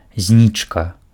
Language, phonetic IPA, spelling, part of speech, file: Belarusian, [ˈzʲnʲit͡ʂka], знічка, noun, Be-знічка.ogg
- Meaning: 1. shooting star, falling star 2. memorial candle